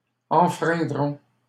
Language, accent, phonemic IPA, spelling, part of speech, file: French, Canada, /ɑ̃.fʁɛ̃.dʁɔ̃/, enfreindrons, verb, LL-Q150 (fra)-enfreindrons.wav
- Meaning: first-person plural simple future of enfreindre